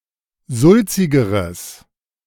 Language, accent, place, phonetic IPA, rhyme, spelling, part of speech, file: German, Germany, Berlin, [ˈzʊlt͡sɪɡəʁəs], -ʊlt͡sɪɡəʁəs, sulzigeres, adjective, De-sulzigeres.ogg
- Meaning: strong/mixed nominative/accusative neuter singular comparative degree of sulzig